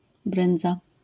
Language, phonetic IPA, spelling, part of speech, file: Polish, [ˈbrɨ̃nd͡za], bryndza, noun, LL-Q809 (pol)-bryndza.wav